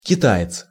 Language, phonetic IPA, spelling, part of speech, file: Russian, [kʲɪˈta(j)ɪt͡s], китаец, noun, Ru-китаец.ogg
- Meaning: male Chinese person